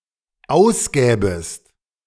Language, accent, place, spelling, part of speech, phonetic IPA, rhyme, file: German, Germany, Berlin, ausgäbest, verb, [ˈaʊ̯sˌɡɛːbəst], -aʊ̯sɡɛːbəst, De-ausgäbest.ogg
- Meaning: second-person singular dependent subjunctive II of ausgeben